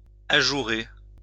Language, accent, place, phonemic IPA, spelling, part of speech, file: French, France, Lyon, /a.ʒu.ʁe/, ajourer, verb, LL-Q150 (fra)-ajourer.wav
- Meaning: to perforate